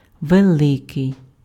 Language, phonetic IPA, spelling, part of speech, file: Ukrainian, [ʋeˈɫɪkei̯], великий, adjective, Uk-великий.ogg
- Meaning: 1. big, large 2. great, outstanding